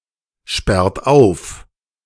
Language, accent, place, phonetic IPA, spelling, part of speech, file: German, Germany, Berlin, [ˌʃpɛʁt ˈaʊ̯f], sperrt auf, verb, De-sperrt auf.ogg
- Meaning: inflection of aufsperren: 1. third-person singular present 2. second-person plural present 3. plural imperative